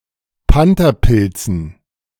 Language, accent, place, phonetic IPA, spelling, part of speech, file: German, Germany, Berlin, [ˈpantɐˌpɪlt͡sn̩], Pantherpilzen, noun, De-Pantherpilzen.ogg
- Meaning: dative plural of Pantherpilz